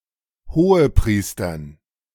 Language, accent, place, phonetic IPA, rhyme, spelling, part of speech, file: German, Germany, Berlin, [hoːəˈpʁiːstɐn], -iːstɐn, Hohepriestern, noun, De-Hohepriestern.ogg
- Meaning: dative plural of Hohepriester